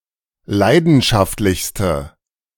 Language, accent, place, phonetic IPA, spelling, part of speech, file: German, Germany, Berlin, [ˈlaɪ̯dn̩ʃaftlɪçstə], leidenschaftlichste, adjective, De-leidenschaftlichste.ogg
- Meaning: inflection of leidenschaftlich: 1. strong/mixed nominative/accusative feminine singular superlative degree 2. strong nominative/accusative plural superlative degree